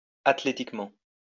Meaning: athletically
- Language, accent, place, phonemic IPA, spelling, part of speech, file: French, France, Lyon, /at.le.tik.mɑ̃/, athlétiquement, adverb, LL-Q150 (fra)-athlétiquement.wav